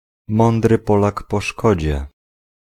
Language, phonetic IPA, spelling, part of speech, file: Polish, [ˈmɔ̃ndrɨ ˈpɔlak pɔ‿ˈʃkɔd͡ʑɛ], mądry Polak po szkodzie, proverb, Pl-mądry Polak po szkodzie.ogg